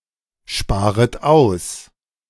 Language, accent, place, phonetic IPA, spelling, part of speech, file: German, Germany, Berlin, [ˌʃpaːʁət ˈaʊ̯s], sparet aus, verb, De-sparet aus.ogg
- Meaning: second-person plural subjunctive I of aussparen